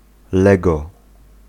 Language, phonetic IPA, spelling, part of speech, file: Polish, [ˈlɛɡɔ], lego, noun / adjective, Pl-lego.ogg